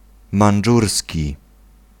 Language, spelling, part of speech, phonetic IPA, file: Polish, mandżurski, adjective / noun, [mãn͇ˈd͡ʒursʲci], Pl-mandżurski.ogg